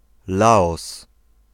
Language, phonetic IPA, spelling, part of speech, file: Polish, [ˈlaɔs], Laos, proper noun, Pl-Laos.ogg